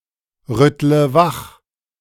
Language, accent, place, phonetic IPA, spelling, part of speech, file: German, Germany, Berlin, [ˌʁʏtlə ˈvax], rüttle wach, verb, De-rüttle wach.ogg
- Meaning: inflection of wachrütteln: 1. first-person singular present 2. first/third-person singular subjunctive I 3. singular imperative